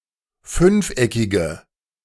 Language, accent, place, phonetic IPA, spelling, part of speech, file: German, Germany, Berlin, [ˈfʏnfˌʔɛkɪɡə], fünfeckige, adjective, De-fünfeckige.ogg
- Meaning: inflection of fünfeckig: 1. strong/mixed nominative/accusative feminine singular 2. strong nominative/accusative plural 3. weak nominative all-gender singular